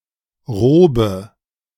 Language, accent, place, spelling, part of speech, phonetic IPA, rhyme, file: German, Germany, Berlin, Robe, noun, [ˈʁoːbə], -oːbə, De-Robe.ogg
- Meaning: 1. a long, formal dress worn only on special occasions 2. a judicial or (in other cultures) academic robe